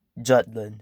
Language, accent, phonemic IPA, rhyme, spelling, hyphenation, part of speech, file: English, US, /ˈd͡ʒʌt.lənd/, -ʌtlənd, Jutland, Jut‧land, proper noun, En-us-Jutland.ogg
- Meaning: A cultural region and peninsula in northwestern Europe, consisting of the mainland part of Denmark and Schleswig-Holstein, which is part of Germany